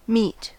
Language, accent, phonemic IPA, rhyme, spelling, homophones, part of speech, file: English, General American, /mit/, -iːt, meet, meat / mete, verb / noun / adjective, En-us-meet.ogg
- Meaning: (verb) To make contact (with someone) while in proximity.: 1. To come face to face with by accident; to encounter 2. To come face to face with someone by arrangement 3. To get acquainted with someone